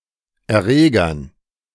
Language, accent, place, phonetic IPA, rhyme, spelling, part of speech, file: German, Germany, Berlin, [ɛɐ̯ˈʁeːɡɐn], -eːɡɐn, Erregern, noun, De-Erregern.ogg
- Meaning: dative plural of Erreger